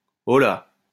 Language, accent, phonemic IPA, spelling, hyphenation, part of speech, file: French, France, /ɔ.la/, holà, ho‧là, interjection, LL-Q150 (fra)-holà.wav
- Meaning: hey, oi